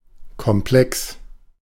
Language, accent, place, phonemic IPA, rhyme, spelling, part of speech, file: German, Germany, Berlin, /kɔmˈplɛks/, -ɛks, komplex, adjective, De-komplex.ogg
- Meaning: complex, sophisticated, involved